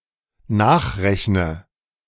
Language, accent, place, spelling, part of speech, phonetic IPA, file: German, Germany, Berlin, nachrechne, verb, [ˈnaːxˌʁɛçnə], De-nachrechne.ogg
- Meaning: inflection of nachrechnen: 1. first-person singular dependent present 2. first/third-person singular dependent subjunctive I